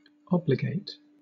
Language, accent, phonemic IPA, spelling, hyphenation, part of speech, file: English, Southern England, /ˈɒb.lɪˌɡeɪt/, obligate, ob‧li‧gate, verb, LL-Q1860 (eng)-obligate.wav
- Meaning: 1. To bind, compel, constrain, or oblige by a social, legal, or moral tie 2. To cause to be grateful or indebted; to oblige 3. To commit (money, for example) in order to fulfill an obligation